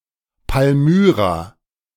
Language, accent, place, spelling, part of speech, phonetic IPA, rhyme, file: German, Germany, Berlin, Palmyra, proper noun, [palˈmyːʁa], -yːʁa, De-Palmyra.ogg
- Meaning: Palmyra (ancient Semitic city in modern Syria)